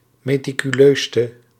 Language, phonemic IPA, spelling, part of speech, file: Dutch, /meː.ti.kyˈløː.stə/, meticuleuste, adjective, Nl-meticuleuste.ogg
- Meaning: inflection of meticuleust, the superlative degree of meticuleus: 1. masculine/feminine singular attributive 2. definite neuter singular attributive 3. plural attributive